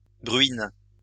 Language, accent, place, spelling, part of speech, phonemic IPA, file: French, France, Lyon, bruines, noun, /bʁɥin/, LL-Q150 (fra)-bruines.wav
- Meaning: plural of bruine